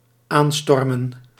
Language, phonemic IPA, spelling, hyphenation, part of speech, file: Dutch, /ˈaːnˌstɔrmə(n)/, aanstormen, aan‧stor‧men, verb, Nl-aanstormen.ogg
- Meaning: 1. to approach quickly, to go straight towards (someone) with great speed 2. to storm, to assault